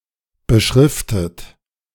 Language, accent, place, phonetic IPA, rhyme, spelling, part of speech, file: German, Germany, Berlin, [bəˈʃʁɪftət], -ɪftət, beschriftet, verb, De-beschriftet.ogg
- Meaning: past participle of beschriften